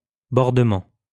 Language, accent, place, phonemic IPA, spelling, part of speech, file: French, France, Lyon, /bɔʁ.də.mɑ̃/, bordement, noun, LL-Q150 (fra)-bordement.wav
- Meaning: bordering